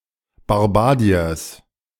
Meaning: plural of Barbarei
- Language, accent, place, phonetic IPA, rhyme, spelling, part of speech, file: German, Germany, Berlin, [baʁbaˈʁaɪ̯ən], -aɪ̯ən, Barbareien, noun, De-Barbareien.ogg